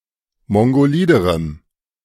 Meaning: strong dative masculine/neuter singular comparative degree of mongolid
- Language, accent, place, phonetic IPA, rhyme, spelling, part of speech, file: German, Germany, Berlin, [ˌmɔŋɡoˈliːdəʁəm], -iːdəʁəm, mongoliderem, adjective, De-mongoliderem.ogg